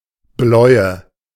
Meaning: blueness
- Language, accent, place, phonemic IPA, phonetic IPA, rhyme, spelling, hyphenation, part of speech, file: German, Germany, Berlin, /ˈblɔʏ̯ə/, [ˈblɔɪ̯ə], -ɔɪ̯ə, Bläue, Bläue, noun, De-Bläue.ogg